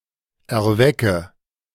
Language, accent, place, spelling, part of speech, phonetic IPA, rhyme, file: German, Germany, Berlin, erwecke, verb, [ɛɐ̯ˈvɛkə], -ɛkə, De-erwecke.ogg
- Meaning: inflection of erwecken: 1. first-person singular present 2. first/third-person singular subjunctive I 3. singular imperative